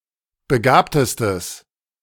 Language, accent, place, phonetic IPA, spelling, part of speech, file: German, Germany, Berlin, [bəˈɡaːptəstəs], begabtestes, adjective, De-begabtestes.ogg
- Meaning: strong/mixed nominative/accusative neuter singular superlative degree of begabt